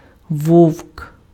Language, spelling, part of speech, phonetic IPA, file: Ukrainian, вовк, noun, [wɔu̯k], Uk-вовк.ogg
- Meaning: wolf